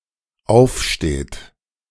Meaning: inflection of aufstehen: 1. third-person singular dependent present 2. second-person plural dependent present
- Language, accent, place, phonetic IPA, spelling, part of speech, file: German, Germany, Berlin, [ˈaʊ̯fˌʃteːt], aufsteht, verb, De-aufsteht.ogg